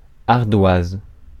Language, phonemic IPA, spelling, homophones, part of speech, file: French, /aʁ.dwaz/, ardoise, ardoisent / ardoises, noun / adjective / verb, Fr-ardoise.ogg
- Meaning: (noun) 1. slate (rock) 2. a small, portable chalkboard 3. an unpaid bill 4. slate (bar tab); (adjective) Similar in color to slate, a dark gray between neutral or blueish